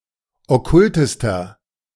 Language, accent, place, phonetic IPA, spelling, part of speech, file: German, Germany, Berlin, [ɔˈkʊltəstɐ], okkultester, adjective, De-okkultester.ogg
- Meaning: inflection of okkult: 1. strong/mixed nominative masculine singular superlative degree 2. strong genitive/dative feminine singular superlative degree 3. strong genitive plural superlative degree